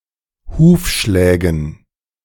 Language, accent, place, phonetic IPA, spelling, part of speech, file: German, Germany, Berlin, [ˈhuːfˌʃlɛːɡn̩], Hufschlägen, noun, De-Hufschlägen.ogg
- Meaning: dative plural of Hufschlag